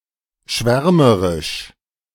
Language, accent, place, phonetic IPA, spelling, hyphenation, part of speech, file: German, Germany, Berlin, [ˈʃvɛʁməʁɪʃ], schwärmerisch, schwär‧me‧risch, adjective, De-schwärmerisch.ogg
- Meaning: 1. enthusiastic 2. infatuated